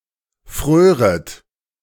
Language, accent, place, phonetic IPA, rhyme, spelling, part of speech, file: German, Germany, Berlin, [ˈfʁøːʁət], -øːʁət, fröret, verb, De-fröret.ogg
- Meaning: second-person plural subjunctive II of frieren